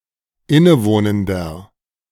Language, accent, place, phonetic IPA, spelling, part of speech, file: German, Germany, Berlin, [ˈɪnəˌvoːnəndɐ], innewohnender, adjective, De-innewohnender.ogg
- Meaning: inflection of innewohnend: 1. strong/mixed nominative masculine singular 2. strong genitive/dative feminine singular 3. strong genitive plural